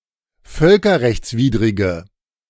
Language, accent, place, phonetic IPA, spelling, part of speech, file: German, Germany, Berlin, [ˈfœlkɐʁɛçt͡sˌviːdʁɪɡə], völkerrechtswidrige, adjective, De-völkerrechtswidrige.ogg
- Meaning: inflection of völkerrechtswidrig: 1. strong/mixed nominative/accusative feminine singular 2. strong nominative/accusative plural 3. weak nominative all-gender singular